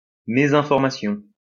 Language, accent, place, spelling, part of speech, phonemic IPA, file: French, France, Lyon, mésinformation, noun, /me.zɛ̃.fɔʁ.ma.sjɔ̃/, LL-Q150 (fra)-mésinformation.wav
- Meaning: misinformation